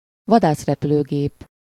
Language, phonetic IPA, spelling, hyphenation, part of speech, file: Hungarian, [ˈvɒdaːsrɛpyløːɡeːp], vadászrepülőgép, va‧dász‧re‧pü‧lő‧gép, noun, Hu-vadászrepülőgép.ogg
- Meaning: fighter plane